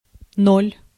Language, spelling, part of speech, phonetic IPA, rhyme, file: Russian, ноль, noun, [nolʲ], -olʲ, Ru-ноль.ogg
- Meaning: 1. zero (0) 2. nil, nothing 3. precisely, exactly (time) 4. cipher, nobody, nonentity, a paltry person 5. nothing, naught